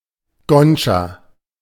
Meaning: ganja, marijuana
- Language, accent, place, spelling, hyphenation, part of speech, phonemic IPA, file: German, Germany, Berlin, Ganja, Gan‧ja, noun, /ˈɡand͡ʒa/, De-Ganja.ogg